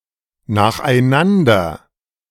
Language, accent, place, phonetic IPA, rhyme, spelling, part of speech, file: German, Germany, Berlin, [naːxʔaɪ̯ˈnandɐ], -andɐ, nacheinander, adverb, De-nacheinander.ogg
- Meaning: 1. successively 2. consecutively 3. one after the other, one after another